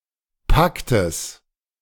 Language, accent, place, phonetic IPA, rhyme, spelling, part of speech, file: German, Germany, Berlin, [ˈpaktəs], -aktəs, Paktes, noun, De-Paktes.ogg
- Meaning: genitive singular of Pakt